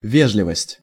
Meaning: politeness (act of being polite)
- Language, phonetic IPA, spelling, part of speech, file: Russian, [ˈvʲeʐlʲɪvəsʲtʲ], вежливость, noun, Ru-вежливость.ogg